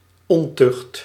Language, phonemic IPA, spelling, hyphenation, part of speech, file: Dutch, /ˈɔn.tʏxt/, ontucht, on‧tucht, noun, Nl-ontucht.ogg
- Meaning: 1. sexual immorality, fornication, sexual abuse 2. lack of discipline